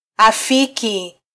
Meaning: 1. to agree 2. to appease 3. to fit with, agree in kind with
- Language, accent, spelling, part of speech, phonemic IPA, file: Swahili, Kenya, afiki, verb, /ɑˈfi.ki/, Sw-ke-afiki.flac